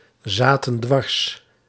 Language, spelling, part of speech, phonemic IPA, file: Dutch, zaten dwars, verb, /ˈzatə(n) ˈdwɑrs/, Nl-zaten dwars.ogg
- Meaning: inflection of dwarszitten: 1. plural past indicative 2. plural past subjunctive